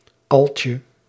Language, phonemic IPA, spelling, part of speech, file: Dutch, /ˈɑlcə/, altje, noun, Nl-altje.ogg
- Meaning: diminutive of alt